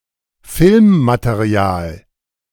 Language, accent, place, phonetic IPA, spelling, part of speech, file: German, Germany, Berlin, [ˈfɪlmmateˌʁi̯aːl], Filmmaterial, noun, De-Filmmaterial.ogg
- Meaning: footage